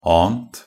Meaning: 1. past participle of ane 2. past participle common of ane 3. past participle neuter of ane
- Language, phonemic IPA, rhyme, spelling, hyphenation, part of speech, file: Norwegian Bokmål, /ˈɑːnt/, -ɑːnt, ant, ant, verb, Nb-ant.ogg